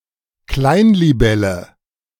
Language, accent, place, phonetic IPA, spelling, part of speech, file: German, Germany, Berlin, [ˈklaɪ̯n.liˌbɛlə], Kleinlibelle, noun, De-Kleinlibelle.ogg
- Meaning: damselfly